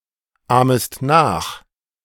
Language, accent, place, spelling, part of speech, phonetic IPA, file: German, Germany, Berlin, ahmest nach, verb, [ˌaːməst ˈnaːx], De-ahmest nach.ogg
- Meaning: second-person singular subjunctive I of nachahmen